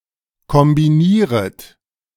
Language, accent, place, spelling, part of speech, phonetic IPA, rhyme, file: German, Germany, Berlin, kombinieret, verb, [kɔmbiˈniːʁət], -iːʁət, De-kombinieret.ogg
- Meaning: second-person plural subjunctive I of kombinieren